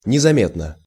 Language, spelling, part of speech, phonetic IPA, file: Russian, незаметно, adverb / adjective, [nʲɪzɐˈmʲetnə], Ru-незаметно.ogg
- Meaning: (adverb) imperceptibly; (adjective) short neuter singular of незаме́тный (nezamétnyj)